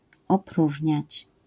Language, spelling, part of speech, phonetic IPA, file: Polish, opróżniać, verb, [ɔˈpruʒʲɲät͡ɕ], LL-Q809 (pol)-opróżniać.wav